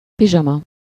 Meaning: pyjamas, pajamas (clothes for sleeping in)
- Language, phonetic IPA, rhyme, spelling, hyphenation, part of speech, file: Hungarian, [ˈpiʒɒmɒ], -mɒ, pizsama, pi‧zsa‧ma, noun, Hu-pizsama.ogg